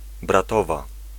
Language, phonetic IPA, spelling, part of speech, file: Polish, [braˈtɔva], bratowa, noun, Pl-bratowa.ogg